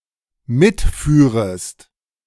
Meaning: second-person singular dependent subjunctive II of mitfahren
- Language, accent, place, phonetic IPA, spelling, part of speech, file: German, Germany, Berlin, [ˈmɪtˌfyːʁəst], mitführest, verb, De-mitführest.ogg